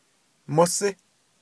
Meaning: cat
- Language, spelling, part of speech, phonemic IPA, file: Navajo, mósí, noun, /mósɪ́/, Nv-mósí.ogg